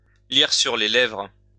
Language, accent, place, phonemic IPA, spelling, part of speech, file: French, France, Lyon, /liʁ syʁ le lɛvʁ/, lire sur les lèvres, verb, LL-Q150 (fra)-lire sur les lèvres.wav
- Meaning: to lipread